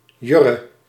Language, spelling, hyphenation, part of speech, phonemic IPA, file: Dutch, Jurre, Jur‧re, proper noun, /ˈjʏ.rə/, Nl-Jurre.ogg
- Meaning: a male given name